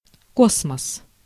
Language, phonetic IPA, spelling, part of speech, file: Russian, [ˈkosməs], космос, noun, Ru-космос.ogg
- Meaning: space, cosmos